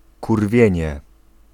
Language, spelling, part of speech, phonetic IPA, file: Polish, kurwienie, noun, [kurˈvʲjɛ̇̃ɲɛ], Pl-kurwienie.ogg